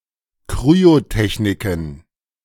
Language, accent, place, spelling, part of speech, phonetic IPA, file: German, Germany, Berlin, Kryotechniken, noun, [ˈkʁyotɛçnɪkŋ̩], De-Kryotechniken.ogg
- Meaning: plural of Kryotechnik